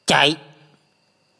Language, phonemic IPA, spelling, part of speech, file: Mon, /cɛ̤ʔ/, ဇ, character / noun, Mnw-ဇ.oga
- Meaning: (character) Ja, the eighth consonant of the Mon alphabet; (noun) 1. great-grandfather 2. cause, that which produces an effect, a thing, a person or event that makes a thing happen